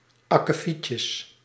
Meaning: plural of akkefietje
- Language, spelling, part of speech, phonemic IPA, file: Dutch, akkefietjes, noun, /ˌɑkəˈficəs/, Nl-akkefietjes.ogg